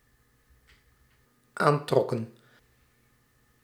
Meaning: inflection of aantrekken: 1. plural dependent-clause past indicative 2. plural dependent-clause past subjunctive
- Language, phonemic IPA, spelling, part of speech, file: Dutch, /ˈantrɔkə(n)/, aantrokken, verb, Nl-aantrokken.ogg